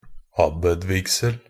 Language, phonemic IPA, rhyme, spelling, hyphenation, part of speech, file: Norwegian Bokmål, /ˈabːəd.ˈvɪɡsəl/, -əl, abbedvigsel, ab‧bed‧vig‧sel, noun, Nb-abbedvigsel.ogg
- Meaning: a consecration or ordainment of an abbot